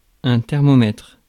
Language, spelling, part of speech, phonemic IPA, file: French, thermomètre, noun, /tɛʁ.mɔ.mɛtʁ/, Fr-thermomètre.ogg
- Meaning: thermometer